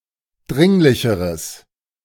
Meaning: strong/mixed nominative/accusative neuter singular comparative degree of dringlich
- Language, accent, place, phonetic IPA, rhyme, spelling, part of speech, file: German, Germany, Berlin, [ˈdʁɪŋlɪçəʁəs], -ɪŋlɪçəʁəs, dringlicheres, adjective, De-dringlicheres.ogg